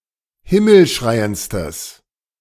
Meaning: strong/mixed nominative/accusative neuter singular superlative degree of himmelschreiend
- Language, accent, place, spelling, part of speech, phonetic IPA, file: German, Germany, Berlin, himmelschreiendstes, adjective, [ˈhɪml̩ˌʃʁaɪ̯ənt͡stəs], De-himmelschreiendstes.ogg